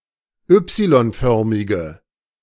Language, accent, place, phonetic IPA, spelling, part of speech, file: German, Germany, Berlin, [ˈʏpsilɔnˌfœʁmɪɡə], Y-förmige, adjective, De-Y-förmige.ogg
- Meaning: inflection of Y-förmig: 1. strong/mixed nominative/accusative feminine singular 2. strong nominative/accusative plural 3. weak nominative all-gender singular